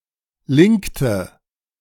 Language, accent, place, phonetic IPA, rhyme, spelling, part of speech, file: German, Germany, Berlin, [ˈlɪŋktə], -ɪŋktə, linkte, verb, De-linkte.ogg
- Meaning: inflection of linken: 1. first/third-person singular preterite 2. first/third-person singular subjunctive II